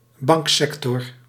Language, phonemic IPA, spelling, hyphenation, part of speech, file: Dutch, /ˈbɑŋkˌsɛk.tɔr/, banksector, bank‧sec‧tor, noun, Nl-banksector.ogg
- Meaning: alternative form of bankensector